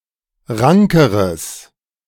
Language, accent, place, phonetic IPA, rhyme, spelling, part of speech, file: German, Germany, Berlin, [ˈʁaŋkəʁəs], -aŋkəʁəs, rankeres, adjective, De-rankeres.ogg
- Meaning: strong/mixed nominative/accusative neuter singular comparative degree of rank